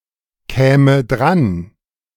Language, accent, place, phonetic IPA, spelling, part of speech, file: German, Germany, Berlin, [ˌkɛːmə ˈdʁan], käme dran, verb, De-käme dran.ogg
- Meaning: first/third-person singular subjunctive II of drankommen